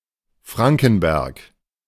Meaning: 1. any of several towns in Germany 2. a surname
- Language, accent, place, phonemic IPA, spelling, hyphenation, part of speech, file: German, Germany, Berlin, /ˈfʁaŋkn̩ˌbɛʁk/, Frankenberg, Fran‧ken‧berg, proper noun, De-Frankenberg.ogg